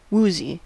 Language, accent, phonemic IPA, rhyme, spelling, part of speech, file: English, US, /ˈwuːzi/, -uːzi, woozy, adjective, En-us-woozy.ogg
- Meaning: 1. Queasy, dizzy, or disoriented 2. Intoxicated by drink or drugs